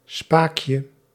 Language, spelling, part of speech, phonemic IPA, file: Dutch, spaakje, noun, /ˈspakjə/, Nl-spaakje.ogg
- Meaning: diminutive of spaak